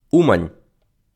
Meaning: Uman (a city in Cherkasy Oblast, Ukraine)
- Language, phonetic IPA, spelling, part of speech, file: Ukrainian, [ˈumɐnʲ], Умань, proper noun, Uk-Умань.ogg